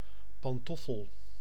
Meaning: slipper (footwear, notably bedroom or house slipper)
- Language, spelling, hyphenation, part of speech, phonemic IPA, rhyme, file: Dutch, pantoffel, pan‧tof‧fel, noun, /ˌpɑnˈtɔ.fəl/, -ɔfəl, Nl-pantoffel.ogg